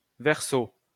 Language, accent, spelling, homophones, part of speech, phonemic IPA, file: French, France, Verseau, verso, proper noun, /vɛʁ.so/, LL-Q150 (fra)-Verseau.wav
- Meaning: 1. the stellar constellation Aquarius 2. the zodiac sign Aquarius